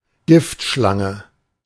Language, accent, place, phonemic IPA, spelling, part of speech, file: German, Germany, Berlin, /ˈɡɪftˌʃlaŋə/, Giftschlange, noun, De-Giftschlange.ogg
- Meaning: venomous snake